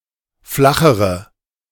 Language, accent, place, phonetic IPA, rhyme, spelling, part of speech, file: German, Germany, Berlin, [ˈflaxəʁə], -axəʁə, flachere, adjective, De-flachere.ogg
- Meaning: inflection of flach: 1. strong/mixed nominative/accusative feminine singular comparative degree 2. strong nominative/accusative plural comparative degree